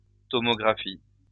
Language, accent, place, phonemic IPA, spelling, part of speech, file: French, France, Lyon, /tɔ.mɔ.ɡʁa.fi/, tomographie, noun, LL-Q150 (fra)-tomographie.wav
- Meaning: tomography